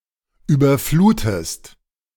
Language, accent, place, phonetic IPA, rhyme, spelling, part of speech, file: German, Germany, Berlin, [ˌyːbɐˈfluːtəst], -uːtəst, überflutest, verb, De-überflutest.ogg
- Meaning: inflection of überfluten: 1. second-person singular present 2. second-person singular subjunctive I